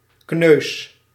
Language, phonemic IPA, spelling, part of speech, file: Dutch, /knøs/, kneus, noun / verb, Nl-kneus.ogg
- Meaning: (noun) 1. a bruise, hurt body part (notably skin) without an open wound 2. a bruised egg 3. a violation, infraction 4. a twerp, twit, knucklehead